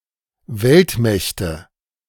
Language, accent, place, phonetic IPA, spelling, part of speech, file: German, Germany, Berlin, [ˈvɛltˌmɛçtə], Weltmächte, noun, De-Weltmächte.ogg
- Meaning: nominative/accusative/genitive plural of Weltmacht